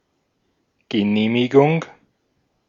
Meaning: permit
- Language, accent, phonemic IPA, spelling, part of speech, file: German, Austria, /ɡəˈneːmiɡʊŋ/, Genehmigung, noun, De-at-Genehmigung.ogg